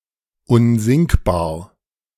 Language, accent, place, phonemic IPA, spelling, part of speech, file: German, Germany, Berlin, /ˈʊnzɪŋkbaːɐ̯/, unsinkbar, adjective, De-unsinkbar.ogg
- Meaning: unsinkable